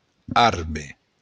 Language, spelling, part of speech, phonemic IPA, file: Occitan, arbe, noun, /ˈaɾbe/, LL-Q35735-arbe.wav
- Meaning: alternative form of arbre (“tree”)